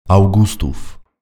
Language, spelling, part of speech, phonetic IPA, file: Polish, Augustów, proper noun / noun, [awˈɡustuf], Pl-Augustów.ogg